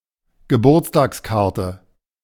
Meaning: birthday card (a greeting card for someone's birthday)
- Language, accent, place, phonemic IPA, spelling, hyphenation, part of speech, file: German, Germany, Berlin, /ɡəˈbuːɐ̯t͡staːksˌkaʁtə/, Geburtstagskarte, Ge‧burts‧tags‧kar‧te, noun, De-Geburtstagskarte.ogg